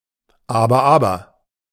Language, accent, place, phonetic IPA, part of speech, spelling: German, Germany, Berlin, [ˈaːbɐ ˈaːbɐ], phrase, aber, aber
- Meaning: 1. now, now (mild reproach) 2. now, now; there, there (reassurence)